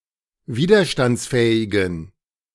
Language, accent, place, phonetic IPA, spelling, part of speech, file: German, Germany, Berlin, [ˈviːdɐʃtant͡sˌfɛːɪɡn̩], widerstandsfähigen, adjective, De-widerstandsfähigen.ogg
- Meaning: inflection of widerstandsfähig: 1. strong genitive masculine/neuter singular 2. weak/mixed genitive/dative all-gender singular 3. strong/weak/mixed accusative masculine singular